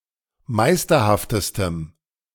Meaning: strong dative masculine/neuter singular superlative degree of meisterhaft
- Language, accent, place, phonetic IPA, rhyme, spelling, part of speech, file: German, Germany, Berlin, [ˈmaɪ̯stɐhaftəstəm], -aɪ̯stɐhaftəstəm, meisterhaftestem, adjective, De-meisterhaftestem.ogg